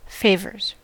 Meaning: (noun) plural of favor; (verb) third-person singular simple present indicative of favor
- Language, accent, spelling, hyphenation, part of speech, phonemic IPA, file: English, US, favors, fa‧vors, noun / verb, /ˈfeɪvɚz/, En-us-favors.ogg